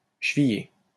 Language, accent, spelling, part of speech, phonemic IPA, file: French, France, chevillé, verb / adjective, /ʃə.vi.je/, LL-Q150 (fra)-chevillé.wav
- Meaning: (verb) past participle of cheviller; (adjective) pinned, pegged (attached by a pin, peg)